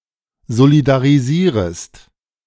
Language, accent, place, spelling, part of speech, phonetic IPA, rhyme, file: German, Germany, Berlin, solidarisierest, verb, [zolidaʁiˈziːʁəst], -iːʁəst, De-solidarisierest.ogg
- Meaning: second-person singular subjunctive I of solidarisieren